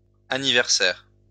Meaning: plural of anniversaire
- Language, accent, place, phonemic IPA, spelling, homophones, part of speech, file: French, France, Lyon, /a.ni.vɛʁ.sɛʁ/, anniversaires, anniversaire, noun, LL-Q150 (fra)-anniversaires.wav